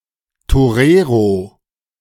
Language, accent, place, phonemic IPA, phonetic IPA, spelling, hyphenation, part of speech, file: German, Germany, Berlin, /toˈreːro/, [toˈʁeːʁo], Torero, To‧re‧ro, noun, De-Torero.ogg
- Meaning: toreador, torero